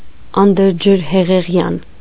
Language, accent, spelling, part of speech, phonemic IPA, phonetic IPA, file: Armenian, Eastern Armenian, անդրջրհեղեղյան, adjective, /ɑndəɾd͡ʒəɾheʁeˈʁjɑn/, [ɑndəɾd͡ʒəɾheʁeʁjɑ́n], Hy-անդրջրհեղեղյան.ogg
- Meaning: 1. antediluvian (pertaining or belonging to the time prior to Noah's Flood) 2. antediluvian, ancient, antiquated, extremely dated